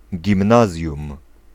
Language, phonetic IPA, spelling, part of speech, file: Polish, [ɟĩmˈnazʲjũm], gimnazjum, noun, Pl-gimnazjum.ogg